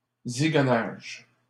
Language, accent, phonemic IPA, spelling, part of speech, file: French, Canada, /zi.ɡɔ.naʒ/, zigonnage, noun, LL-Q150 (fra)-zigonnage.wav
- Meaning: equivocation